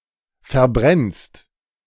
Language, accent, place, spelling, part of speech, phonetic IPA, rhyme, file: German, Germany, Berlin, verbrennst, verb, [fɛɐ̯ˈbʁɛnst], -ɛnst, De-verbrennst.ogg
- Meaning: second-person singular present of verbrennen